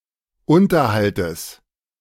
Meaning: genitive of Unterhalt
- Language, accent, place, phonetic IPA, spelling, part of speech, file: German, Germany, Berlin, [ˈʊntɐhaltəs], Unterhaltes, noun, De-Unterhaltes.ogg